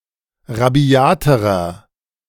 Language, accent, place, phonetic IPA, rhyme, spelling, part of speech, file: German, Germany, Berlin, [ʁaˈbi̯aːtəʁɐ], -aːtəʁɐ, rabiaterer, adjective, De-rabiaterer.ogg
- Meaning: inflection of rabiat: 1. strong/mixed nominative masculine singular comparative degree 2. strong genitive/dative feminine singular comparative degree 3. strong genitive plural comparative degree